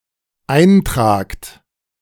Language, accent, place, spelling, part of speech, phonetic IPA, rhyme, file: German, Germany, Berlin, eintragt, verb, [ˈaɪ̯nˌtʁaːkt], -aɪ̯ntʁaːkt, De-eintragt.ogg
- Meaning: second-person plural dependent present of eintragen